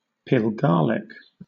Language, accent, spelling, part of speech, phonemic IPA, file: English, Southern England, pilgarlic, noun, /pɪlˈɡɑːlɪk/, LL-Q1860 (eng)-pilgarlic.wav
- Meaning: 1. A bald-headed person 2. A pitiable or foolish person